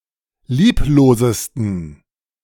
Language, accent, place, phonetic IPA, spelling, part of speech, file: German, Germany, Berlin, [ˈliːploːzəstn̩], lieblosesten, adjective, De-lieblosesten.ogg
- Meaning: 1. superlative degree of lieblos 2. inflection of lieblos: strong genitive masculine/neuter singular superlative degree